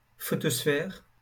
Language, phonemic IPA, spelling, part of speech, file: French, /fɔ.tɔs.fɛʁ/, photosphère, noun, LL-Q150 (fra)-photosphère.wav
- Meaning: photosphere